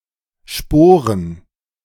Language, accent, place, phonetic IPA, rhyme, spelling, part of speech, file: German, Germany, Berlin, [ˈʃpoːʁən], -oːʁən, Sporen, noun, De-Sporen.ogg
- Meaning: 1. plural of Spore "spores" 2. plural of Sporn "spurs"